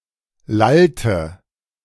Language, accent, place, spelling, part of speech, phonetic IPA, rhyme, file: German, Germany, Berlin, lallte, verb, [ˈlaltə], -altə, De-lallte.ogg
- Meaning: inflection of lallen: 1. first/third-person singular preterite 2. first/third-person singular subjunctive II